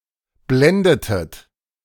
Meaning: inflection of blenden: 1. second-person plural preterite 2. second-person plural subjunctive II
- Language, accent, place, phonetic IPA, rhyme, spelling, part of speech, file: German, Germany, Berlin, [ˈblɛndətət], -ɛndətət, blendetet, verb, De-blendetet.ogg